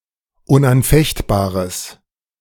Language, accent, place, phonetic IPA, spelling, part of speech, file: German, Germany, Berlin, [ʊnʔanˈfɛçtˌbaːʁəs], unanfechtbares, adjective, De-unanfechtbares.ogg
- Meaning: strong/mixed nominative/accusative neuter singular of unanfechtbar